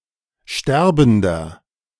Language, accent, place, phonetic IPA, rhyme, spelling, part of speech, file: German, Germany, Berlin, [ˈʃtɛʁbn̩dɐ], -ɛʁbn̩dɐ, sterbender, adjective, De-sterbender.ogg
- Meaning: inflection of sterbend: 1. strong/mixed nominative masculine singular 2. strong genitive/dative feminine singular 3. strong genitive plural